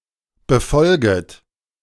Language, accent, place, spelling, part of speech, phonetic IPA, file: German, Germany, Berlin, befolget, verb, [bəˈfɔlɡət], De-befolget.ogg
- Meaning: second-person plural subjunctive I of befolgen